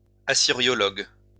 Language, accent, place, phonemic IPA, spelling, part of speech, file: French, France, Lyon, /a.si.ʁjɔ.lɔɡ/, assyriologue, noun, LL-Q150 (fra)-assyriologue.wav
- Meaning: Assyriologist